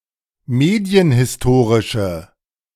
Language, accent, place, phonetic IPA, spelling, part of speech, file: German, Germany, Berlin, [ˈmeːdi̯ənhɪsˌtoːʁɪʃə], medienhistorische, adjective, De-medienhistorische.ogg
- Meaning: inflection of medienhistorisch: 1. strong/mixed nominative/accusative feminine singular 2. strong nominative/accusative plural 3. weak nominative all-gender singular